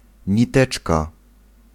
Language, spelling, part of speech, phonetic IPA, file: Polish, niteczka, noun, [ɲiˈtɛt͡ʃka], Pl-niteczka.ogg